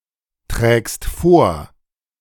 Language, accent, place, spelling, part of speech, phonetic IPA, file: German, Germany, Berlin, trägst vor, verb, [ˌtʁɛːkst ˈfoːɐ̯], De-trägst vor.ogg
- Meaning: second-person singular present of vortragen